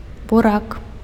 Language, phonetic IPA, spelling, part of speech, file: Belarusian, [buˈrak], бурак, noun, Be-бурак.ogg
- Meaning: beet, beetroot (Beta vulgaris)